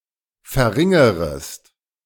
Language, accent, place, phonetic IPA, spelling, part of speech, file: German, Germany, Berlin, [fɛɐ̯ˈʁɪŋəʁəst], verringerest, verb, De-verringerest.ogg
- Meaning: second-person singular subjunctive I of verringern